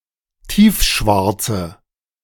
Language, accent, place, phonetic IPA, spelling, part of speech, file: German, Germany, Berlin, [ˈtiːfˌʃvaʁt͡sə], tiefschwarze, adjective, De-tiefschwarze.ogg
- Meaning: inflection of tiefschwarz: 1. strong/mixed nominative/accusative feminine singular 2. strong nominative/accusative plural 3. weak nominative all-gender singular